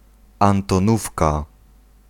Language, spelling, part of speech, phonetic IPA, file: Polish, antonówka, noun, [ˌãntɔ̃ˈnufka], Pl-antonówka.ogg